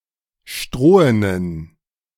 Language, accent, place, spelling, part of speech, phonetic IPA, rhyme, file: German, Germany, Berlin, strohenen, adjective, [ˈʃtʁoːənən], -oːənən, De-strohenen.ogg
- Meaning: inflection of strohen: 1. strong genitive masculine/neuter singular 2. weak/mixed genitive/dative all-gender singular 3. strong/weak/mixed accusative masculine singular 4. strong dative plural